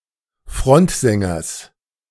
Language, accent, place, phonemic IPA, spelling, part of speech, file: German, Germany, Berlin, /ˈfʁɔntzɛŋɐs/, Frontsängers, noun, De-Frontsängers.ogg
- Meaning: genitive singular of Frontsänger